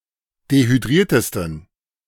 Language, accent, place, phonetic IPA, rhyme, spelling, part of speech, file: German, Germany, Berlin, [dehyˈdʁiːɐ̯təstn̩], -iːɐ̯təstn̩, dehydriertesten, adjective, De-dehydriertesten.ogg
- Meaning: 1. superlative degree of dehydriert 2. inflection of dehydriert: strong genitive masculine/neuter singular superlative degree